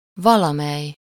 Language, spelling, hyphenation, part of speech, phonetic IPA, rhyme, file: Hungarian, valamely, va‧la‧mely, determiner / pronoun, [ˈvɒlɒmɛj], -ɛj, Hu-valamely.ogg
- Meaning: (determiner) some; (pronoun) some person, someone